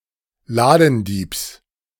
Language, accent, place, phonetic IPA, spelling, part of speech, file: German, Germany, Berlin, [ˈlaːdn̩ˌdiːps], Ladendiebs, noun, De-Ladendiebs.ogg
- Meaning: genitive singular of Ladendieb